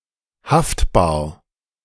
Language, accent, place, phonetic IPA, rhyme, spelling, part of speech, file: German, Germany, Berlin, [ˈhaftbaːɐ̯], -aftbaːɐ̯, haftbar, adjective, De-haftbar.ogg
- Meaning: liable